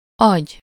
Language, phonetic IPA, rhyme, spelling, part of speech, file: Hungarian, [ˈɒɟ], -ɒɟ, agy, noun, Hu-agy.ogg
- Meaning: 1. brain (control center of the central nervous system), (in compounds) cerebral (of or relating to the brain) 2. brains, mind, intellect (the figurative substance of a brain; mental ability)